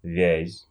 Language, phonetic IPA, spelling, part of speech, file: Russian, [vʲæsʲ], вязь, noun, Ru-вязь.ogg
- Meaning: 1. vyaz (Cyrillic calligraphy) 2. ligature 3. a type of connected writing, such as Arabic or some type of connected calligraphies